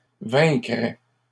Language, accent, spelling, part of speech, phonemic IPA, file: French, Canada, vaincraient, verb, /vɛ̃.kʁɛ/, LL-Q150 (fra)-vaincraient.wav
- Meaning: third-person plural conditional of vaincre